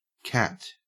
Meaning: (proper noun) A diminutive of the female given names Catherine and Caitlin
- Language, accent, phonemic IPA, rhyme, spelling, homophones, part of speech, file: English, Australia, /kæt/, -æt, Cat, cat / khat, proper noun / noun, En-au-Cat.ogg